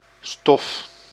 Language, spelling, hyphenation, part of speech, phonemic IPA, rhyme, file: Dutch, stof, stof, noun, /stɔf/, -ɔf, Nl-stof.ogg
- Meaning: 1. dust 2. substance in general, matter, material 3. a specific substance or material 4. a textile fabric 5. a subject, topic(s), something to think about or discuss 6. a curriculum or syllabus